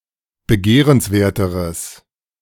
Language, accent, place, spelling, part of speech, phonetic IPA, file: German, Germany, Berlin, begehrenswerteres, adjective, [bəˈɡeːʁənsˌveːɐ̯təʁəs], De-begehrenswerteres.ogg
- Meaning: strong/mixed nominative/accusative neuter singular comparative degree of begehrenswert